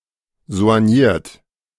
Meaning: soigné, soignée
- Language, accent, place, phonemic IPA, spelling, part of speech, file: German, Germany, Berlin, /zo̯anˈjiːɐt/, soigniert, adjective, De-soigniert.ogg